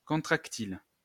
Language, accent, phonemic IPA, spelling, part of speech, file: French, France, /kɔ̃.tʁak.til/, contractile, adjective, LL-Q150 (fra)-contractile.wav
- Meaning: contractile